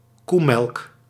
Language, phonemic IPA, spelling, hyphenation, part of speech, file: Dutch, /ˈku.mɛlk/, koemelk, koe‧melk, noun, Nl-koemelk.ogg
- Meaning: cowmilk